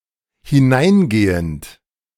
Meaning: present participle of hineingehen
- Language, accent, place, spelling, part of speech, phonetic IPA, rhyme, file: German, Germany, Berlin, hineingehend, verb, [hɪˈnaɪ̯nˌɡeːənt], -aɪ̯nɡeːənt, De-hineingehend.ogg